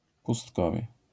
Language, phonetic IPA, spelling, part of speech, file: Polish, [puˈstkɔvʲjɛ], pustkowie, noun, LL-Q809 (pol)-pustkowie.wav